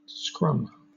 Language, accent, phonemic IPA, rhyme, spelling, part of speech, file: English, Southern England, /skɹʌm/, -ʌm, scrum, noun / verb / proper noun, LL-Q1860 (eng)-scrum.wav
- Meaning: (noun) A tightly packed and disorderly crowd of people